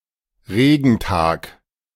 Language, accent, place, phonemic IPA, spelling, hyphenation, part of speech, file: German, Germany, Berlin, /ˈʁeːɡn̩ˌtaːk/, Regentag, Re‧gen‧tag, noun, De-Regentag.ogg
- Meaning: rainy day